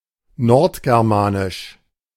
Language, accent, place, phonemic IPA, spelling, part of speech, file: German, Germany, Berlin, /ˈnɔʁtɡɛʁˌmaːnɪʃ/, nordgermanisch, adjective, De-nordgermanisch.ogg
- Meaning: North Germanic